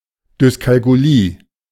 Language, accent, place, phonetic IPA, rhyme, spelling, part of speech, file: German, Germany, Berlin, [dʏskalkuˈliː], -iː, Dyskalkulie, noun, De-Dyskalkulie.ogg
- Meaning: dyscalculia